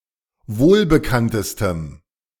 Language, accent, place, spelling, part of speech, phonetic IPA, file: German, Germany, Berlin, wohlbekanntestem, adjective, [ˈvoːlbəˌkantəstəm], De-wohlbekanntestem.ogg
- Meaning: strong dative masculine/neuter singular superlative degree of wohlbekannt